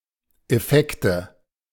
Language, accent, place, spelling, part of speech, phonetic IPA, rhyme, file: German, Germany, Berlin, Effekte, noun, [ɛˈfɛktə], -ɛktə, De-Effekte.ogg
- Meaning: nominative/accusative/genitive plural of Effekt